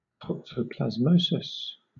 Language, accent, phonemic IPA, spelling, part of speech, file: English, Southern England, /ˌtɒksəʊplæzˈməʊsɪs/, toxoplasmosis, noun, LL-Q1860 (eng)-toxoplasmosis.wav
- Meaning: A disease, caused by the parasite Toxoplasma gondii, that primarily affects felids, but also other mammals including humans